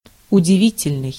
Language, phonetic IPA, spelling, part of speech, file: Russian, [ʊdʲɪˈvʲitʲɪlʲnɨj], удивительный, adjective, Ru-удивительный.ogg
- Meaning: wonderful, marvelous